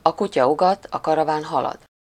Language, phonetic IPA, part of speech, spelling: Hungarian, [ɒ ˈkucɒ ˈuɡɒt ɒ ˈkɒrɒvaːn ˈhɒlɒd], proverb, a kutya ugat, a karaván halad
- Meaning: the dogs bark, but the caravan goes on